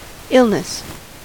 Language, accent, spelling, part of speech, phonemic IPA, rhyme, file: English, US, illness, noun, /ˈɪl.nəs/, -ɪlnəs, En-us-illness.ogg
- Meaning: 1. An instance (episode) of a disease or poor health 2. A state of bad health or disease